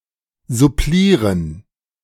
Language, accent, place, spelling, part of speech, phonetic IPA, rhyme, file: German, Germany, Berlin, supplieren, verb, [zʊˈpliːʁən], -iːʁən, De-supplieren.ogg
- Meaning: 1. to add 2. to hold substitute classes